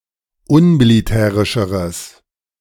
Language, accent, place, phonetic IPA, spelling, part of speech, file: German, Germany, Berlin, [ˈʊnmiliˌtɛːʁɪʃəʁəs], unmilitärischeres, adjective, De-unmilitärischeres.ogg
- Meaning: strong/mixed nominative/accusative neuter singular comparative degree of unmilitärisch